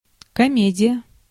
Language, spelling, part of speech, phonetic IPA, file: Russian, комедия, noun, [kɐˈmʲedʲɪjə], Ru-комедия.ogg
- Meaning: comedy